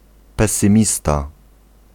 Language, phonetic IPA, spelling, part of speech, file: Polish, [ˌpɛsɨ̃ˈmʲista], pesymista, noun, Pl-pesymista.ogg